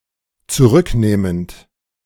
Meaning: present participle of zurücknehmen
- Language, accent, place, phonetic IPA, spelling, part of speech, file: German, Germany, Berlin, [t͡suˈʁʏkˌneːmənt], zurücknehmend, verb, De-zurücknehmend.ogg